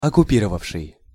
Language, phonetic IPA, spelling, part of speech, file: Russian, [ɐkʊˈpʲirəvəfʂɨj], оккупировавший, verb, Ru-оккупировавший.ogg
- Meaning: 1. past active imperfective participle of оккупи́ровать (okkupírovatʹ) 2. past active perfective participle of оккупи́ровать (okkupírovatʹ)